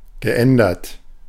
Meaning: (verb) past participle of ändern; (adjective) changed
- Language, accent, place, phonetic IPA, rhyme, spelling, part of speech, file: German, Germany, Berlin, [ɡəˈʔɛndɐt], -ɛndɐt, geändert, verb, De-geändert.ogg